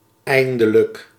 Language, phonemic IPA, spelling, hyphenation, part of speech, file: Dutch, /ˈɛi̯n.də.lək/, eindelijk, ein‧de‧lijk, adverb, Nl-eindelijk.ogg
- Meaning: at last, finally